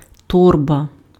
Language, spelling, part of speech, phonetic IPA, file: Ukrainian, торба, noun, [ˈtɔrbɐ], Uk-торба.ogg
- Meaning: travel bag (bag meant to be worn over the shoulders), bindle